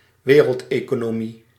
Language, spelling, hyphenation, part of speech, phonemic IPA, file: Dutch, wereldeconomie, we‧reld‧eco‧no‧mie, noun, /ˈʋeː.rəlt.eː.koː.noːˌmi/, Nl-wereldeconomie.ogg
- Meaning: 1. world economy, global economy 2. globally important economy 3. international economic system without a single hegemon